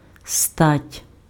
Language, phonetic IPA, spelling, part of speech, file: Ukrainian, [statʲ], стать, noun, Uk-стать.ogg
- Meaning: 1. sex, gender 2. figure, form, build